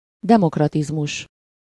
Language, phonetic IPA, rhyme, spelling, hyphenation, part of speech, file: Hungarian, [ˈdɛmokrɒtizmuʃ], -uʃ, demokratizmus, de‧mok‧ra‧tiz‧mus, noun, Hu-demokratizmus.ogg
- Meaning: democratism